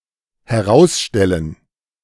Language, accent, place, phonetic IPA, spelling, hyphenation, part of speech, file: German, Germany, Berlin, [hɛˈʁausʃtɛlən], herausstellen, he‧raus‧stel‧len, verb, De-herausstellen.ogg
- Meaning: 1. to put something outside (in direction towards the speaker) 2. to emphasize, underline 3. to showcase 4. to come to light 5. to turn out to be